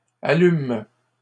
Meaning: third-person plural present indicative/subjunctive of allumer
- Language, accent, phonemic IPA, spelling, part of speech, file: French, Canada, /a.lym/, allument, verb, LL-Q150 (fra)-allument.wav